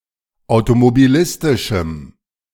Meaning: strong dative masculine/neuter singular of automobilistisch
- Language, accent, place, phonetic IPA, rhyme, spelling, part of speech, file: German, Germany, Berlin, [aʊ̯tomobiˈlɪstɪʃm̩], -ɪstɪʃm̩, automobilistischem, adjective, De-automobilistischem.ogg